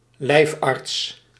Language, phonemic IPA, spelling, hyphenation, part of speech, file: Dutch, /ˈlɛi̯f.ɑrts/, lijfarts, lijf‧arts, noun, Nl-lijfarts.ogg
- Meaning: a personal physician (as attached to a prince, statesman etc.)